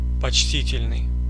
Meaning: 1. respectful, deferential 2. respectable, considerable
- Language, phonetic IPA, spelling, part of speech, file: Russian, [pɐt͡ɕˈtʲitʲɪlʲnɨj], почтительный, adjective, Ru-почтительный.ogg